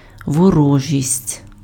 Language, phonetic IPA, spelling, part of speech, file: Ukrainian, [wɔˈrɔʒʲisʲtʲ], ворожість, noun, Uk-ворожість.ogg
- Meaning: hostility, enmity, animosity